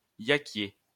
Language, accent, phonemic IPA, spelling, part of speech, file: French, France, /ja.kje/, yackier, noun, LL-Q150 (fra)-yackier.wav
- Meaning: yakherd, yak herdsman